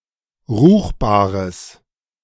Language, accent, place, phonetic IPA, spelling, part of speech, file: German, Germany, Berlin, [ˈʁuːxbaːʁəs], ruchbares, adjective, De-ruchbares.ogg
- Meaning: strong/mixed nominative/accusative neuter singular of ruchbar